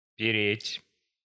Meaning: 1. to move, to trudge, to drag the feet 2. to travel (on a burdensome journey) 3. to carry (a burden) 4. to steal, to pinch 5. to give off an unpleasant odour, to stink 6. to enjoy, to revel
- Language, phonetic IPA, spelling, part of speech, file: Russian, [pʲɪˈrʲetʲ], переть, verb, Ru-переть.ogg